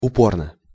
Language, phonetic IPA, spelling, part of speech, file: Russian, [ʊˈpornə], упорно, adverb / adjective, Ru-упорно.ogg
- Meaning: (adverb) 1. hard 2. stubbornly; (adjective) short neuter singular of упо́рный (upórnyj)